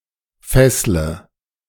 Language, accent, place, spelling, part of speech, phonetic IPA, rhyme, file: German, Germany, Berlin, fessle, verb, [ˈfɛslə], -ɛslə, De-fessle.ogg
- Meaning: inflection of fesseln: 1. first-person singular present 2. singular imperative 3. first/third-person singular subjunctive I